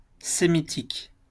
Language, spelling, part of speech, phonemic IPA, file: French, sémitique, adjective, /se.mi.tik/, LL-Q150 (fra)-sémitique.wav
- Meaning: 1. of the Semites; Semitic 2. Semitic (relating to the Semitic languages)